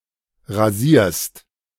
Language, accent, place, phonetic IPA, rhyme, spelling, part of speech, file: German, Germany, Berlin, [ʁaˈziːɐ̯st], -iːɐ̯st, rasierst, verb, De-rasierst.ogg
- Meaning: second-person singular present of rasieren